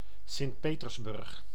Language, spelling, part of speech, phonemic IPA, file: Dutch, Sint-Petersburg, proper noun, /sɪntˈpeːtərsbʏrx/, Nl-Sint-Petersburg.ogg
- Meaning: Saint Petersburg (a federal city of Russia, known between 1914 and 1924 as Petrograd and between 1924 and 1991 as Leningrad; the former capital of Russia, from 1713–1728 and 1732–1918)